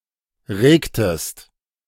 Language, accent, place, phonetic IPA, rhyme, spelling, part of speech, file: German, Germany, Berlin, [ˈʁeːktəst], -eːktəst, regtest, verb, De-regtest.ogg
- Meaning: inflection of regen: 1. second-person singular preterite 2. second-person singular subjunctive II